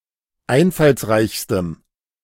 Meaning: strong dative masculine/neuter singular superlative degree of einfallsreich
- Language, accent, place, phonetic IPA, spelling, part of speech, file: German, Germany, Berlin, [ˈaɪ̯nfalsˌʁaɪ̯çstəm], einfallsreichstem, adjective, De-einfallsreichstem.ogg